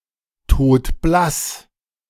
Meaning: deathly pale
- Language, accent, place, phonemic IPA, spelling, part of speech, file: German, Germany, Berlin, /ˈtoːtˈblas/, todblass, adjective, De-todblass.ogg